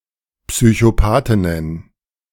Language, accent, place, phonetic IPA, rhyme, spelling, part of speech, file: German, Germany, Berlin, [psyçoˈpaːtɪnən], -aːtɪnən, Psychopathinnen, noun, De-Psychopathinnen.ogg
- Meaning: plural of Psychopathin